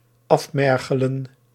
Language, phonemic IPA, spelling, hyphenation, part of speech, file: Dutch, /ˈɑfˌmɛr.ɣə.lə(n)/, afmergelen, af‧mer‧ge‧len, verb, Nl-afmergelen.ogg
- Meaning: to exhaust, to emaciate